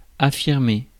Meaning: to affirm, to claim
- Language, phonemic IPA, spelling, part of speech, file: French, /a.fiʁ.me/, affirmer, verb, Fr-affirmer.ogg